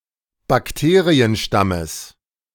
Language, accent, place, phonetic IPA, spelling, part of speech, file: German, Germany, Berlin, [bakˈteːʁiənˌʃtaməs], Bakterienstammes, noun, De-Bakterienstammes.ogg
- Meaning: genitive singular of Bakterienstamm